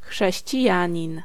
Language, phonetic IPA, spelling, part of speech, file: Polish, [ˌxʃɛɕt͡ɕiˈjä̃ɲĩn], chrześcijanin, noun, Pl-chrześcijanin.ogg